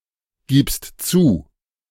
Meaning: second-person singular present of zugeben
- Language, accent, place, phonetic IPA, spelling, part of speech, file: German, Germany, Berlin, [ˌɡiːpst ˈt͡suː], gibst zu, verb, De-gibst zu.ogg